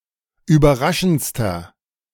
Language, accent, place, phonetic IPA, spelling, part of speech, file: German, Germany, Berlin, [yːbɐˈʁaʃn̩t͡stɐ], überraschendster, adjective, De-überraschendster.ogg
- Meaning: inflection of überraschend: 1. strong/mixed nominative masculine singular superlative degree 2. strong genitive/dative feminine singular superlative degree 3. strong genitive plural superlative degree